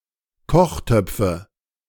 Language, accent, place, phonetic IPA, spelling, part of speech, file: German, Germany, Berlin, [ˈkɔxˌtœp͡fə], Kochtöpfe, noun, De-Kochtöpfe.ogg
- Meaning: nominative/accusative/genitive plural of Kochtopf